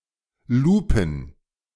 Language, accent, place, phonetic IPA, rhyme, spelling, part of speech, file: German, Germany, Berlin, [ˈluːpn̩], -uːpn̩, Lupen, noun, De-Lupen.ogg
- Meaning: plural of Lupe